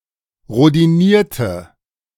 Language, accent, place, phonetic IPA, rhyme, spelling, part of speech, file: German, Germany, Berlin, [ʁodiˈniːɐ̯tə], -iːɐ̯tə, rhodinierte, adjective / verb, De-rhodinierte.ogg
- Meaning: inflection of rhodinieren: 1. first/third-person singular preterite 2. first/third-person singular subjunctive II